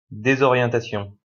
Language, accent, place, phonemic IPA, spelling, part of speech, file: French, France, Lyon, /de.zɔ.ʁjɑ̃.ta.sjɔ̃/, désorientation, noun, LL-Q150 (fra)-désorientation.wav
- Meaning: 1. disorientation 2. confusion